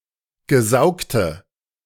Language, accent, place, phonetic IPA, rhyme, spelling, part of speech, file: German, Germany, Berlin, [ɡəˈzaʊ̯ktə], -aʊ̯ktə, gesaugte, adjective, De-gesaugte.ogg
- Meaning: inflection of gesaugt: 1. strong/mixed nominative/accusative feminine singular 2. strong nominative/accusative plural 3. weak nominative all-gender singular 4. weak accusative feminine/neuter singular